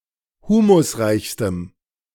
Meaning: strong dative masculine/neuter singular superlative degree of humusreich
- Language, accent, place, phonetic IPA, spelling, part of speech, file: German, Germany, Berlin, [ˈhuːmʊsˌʁaɪ̯çstəm], humusreichstem, adjective, De-humusreichstem.ogg